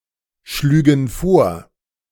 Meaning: first/third-person plural subjunctive II of vorschlagen
- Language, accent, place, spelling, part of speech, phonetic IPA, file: German, Germany, Berlin, schlügen vor, verb, [ˌʃlyːɡn̩ ˈfoːɐ̯], De-schlügen vor.ogg